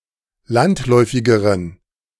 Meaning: inflection of landläufig: 1. strong genitive masculine/neuter singular comparative degree 2. weak/mixed genitive/dative all-gender singular comparative degree
- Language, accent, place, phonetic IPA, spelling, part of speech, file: German, Germany, Berlin, [ˈlantˌlɔɪ̯fɪɡəʁən], landläufigeren, adjective, De-landläufigeren.ogg